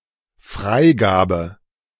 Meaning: clearance, approval, release
- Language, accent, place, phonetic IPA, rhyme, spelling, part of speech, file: German, Germany, Berlin, [ˈfʁaɪ̯ˌɡaːbə], -aɪ̯ɡaːbə, Freigabe, noun, De-Freigabe.ogg